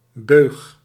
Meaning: 1. longline 2. trawlnet for anchovy catch on the former Zuiderzee
- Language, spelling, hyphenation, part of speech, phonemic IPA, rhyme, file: Dutch, beug, beug, noun, /bøːx/, -øːx, Nl-beug.ogg